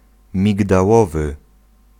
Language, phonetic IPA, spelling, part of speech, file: Polish, [ˌmʲiɡdaˈwɔvɨ], migdałowy, adjective, Pl-migdałowy.ogg